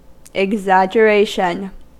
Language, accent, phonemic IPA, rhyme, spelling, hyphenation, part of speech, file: English, US, /ɪɡˌzæd͡ʒəˈɹeɪʃən/, -eɪʃən, exaggeration, ex‧ag‧ger‧a‧tion, noun, En-us-exaggeration.ogg
- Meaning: The act of heaping or piling up